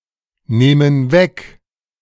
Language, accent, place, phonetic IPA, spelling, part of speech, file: German, Germany, Berlin, [ˌneːmən ˈvɛk], nehmen weg, verb, De-nehmen weg.ogg
- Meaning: inflection of wegnehmen: 1. first/third-person plural present 2. first/third-person plural subjunctive I